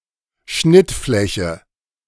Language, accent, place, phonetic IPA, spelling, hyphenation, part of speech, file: German, Germany, Berlin, [ˈʃnɪtˌflɛçə], Schnittfläche, Schnitt‧flä‧che, noun, De-Schnittfläche.ogg
- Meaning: 1. intersection 2. interface